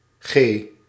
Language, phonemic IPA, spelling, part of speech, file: Dutch, /xeː/, G, character, Nl-G.ogg
- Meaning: the seventh letter of the Dutch alphabet